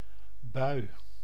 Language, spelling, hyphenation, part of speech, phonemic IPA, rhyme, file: Dutch, bui, bui, noun, /bœy̯/, -œy̯, Nl-bui.ogg
- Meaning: 1. shower (rain), or generally a bout (of bad weather such as snow) 2. mood, episode 3. gust, current of wind